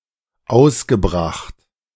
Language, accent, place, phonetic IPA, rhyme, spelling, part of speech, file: German, Germany, Berlin, [ˈaʊ̯sɡəˌbʁaxt], -aʊ̯sɡəbʁaxt, ausgebracht, verb, De-ausgebracht.ogg
- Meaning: past participle of ausbringen